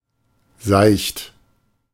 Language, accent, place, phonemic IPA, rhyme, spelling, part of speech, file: German, Germany, Berlin, /zaɪ̯çt/, -aɪ̯çt, seicht, adjective, De-seicht.ogg
- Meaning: 1. shallow (of water only) 2. simple, light, having little depth (e.g. of a book)